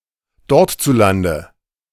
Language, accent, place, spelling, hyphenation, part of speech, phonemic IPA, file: German, Germany, Berlin, dortzulande, dort‧zu‧lan‧de, adverb, /ˈdɔʁtt͡suˌlandə/, De-dortzulande.ogg
- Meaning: there, in that country